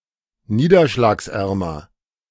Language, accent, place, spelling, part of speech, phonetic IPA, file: German, Germany, Berlin, niederschlagsärmer, adjective, [ˈniːdɐʃlaːksˌʔɛʁmɐ], De-niederschlagsärmer.ogg
- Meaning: comparative degree of niederschlagsarm